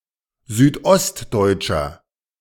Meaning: inflection of südostdeutsch: 1. strong/mixed nominative masculine singular 2. strong genitive/dative feminine singular 3. strong genitive plural
- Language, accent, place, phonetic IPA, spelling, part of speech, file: German, Germany, Berlin, [ˌzyːtˈʔɔstdɔɪ̯tʃɐ], südostdeutscher, adjective, De-südostdeutscher.ogg